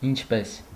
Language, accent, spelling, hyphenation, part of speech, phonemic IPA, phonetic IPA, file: Armenian, Eastern Armenian, ինչպես, ինչ‧պես, pronoun / conjunction, /int͡ʃʰˈpes/, [int͡ʃʰpés], Hy-ինչպես.ogg
- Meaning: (pronoun) how; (conjunction) like, as